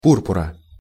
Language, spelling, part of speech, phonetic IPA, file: Russian, пурпура, noun, [ˈpurpʊrə], Ru-пурпура.ogg
- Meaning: genitive singular of пу́рпур (púrpur)